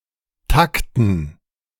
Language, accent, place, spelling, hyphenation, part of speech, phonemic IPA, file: German, Germany, Berlin, Takten, Tak‧ten, noun, /ˈtaktn̩/, De-Takten.ogg
- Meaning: 1. gerund of takten 2. dative plural of Takt